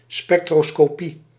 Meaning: spectroscopy
- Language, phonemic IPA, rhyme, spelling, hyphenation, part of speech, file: Dutch, /spɛk.troː.skoːˈpi/, -i, spectroscopie, spec‧tro‧sco‧pie, noun, Nl-spectroscopie.ogg